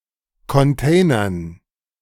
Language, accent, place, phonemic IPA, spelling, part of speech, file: German, Germany, Berlin, /kɔnˈteːnɐn/, containern, verb, De-containern.ogg
- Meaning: to dumpster dive